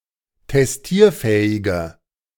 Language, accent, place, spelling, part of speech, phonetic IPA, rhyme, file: German, Germany, Berlin, testierfähiger, adjective, [tɛsˈtiːɐ̯ˌfɛːɪɡɐ], -iːɐ̯fɛːɪɡɐ, De-testierfähiger.ogg
- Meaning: inflection of testierfähig: 1. strong/mixed nominative masculine singular 2. strong genitive/dative feminine singular 3. strong genitive plural